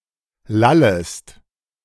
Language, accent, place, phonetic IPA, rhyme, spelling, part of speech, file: German, Germany, Berlin, [ˈlaləst], -aləst, lallest, verb, De-lallest.ogg
- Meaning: second-person singular subjunctive I of lallen